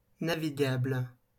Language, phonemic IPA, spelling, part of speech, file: French, /na.vi.ɡabl/, navigable, adjective, LL-Q150 (fra)-navigable.wav
- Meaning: navigable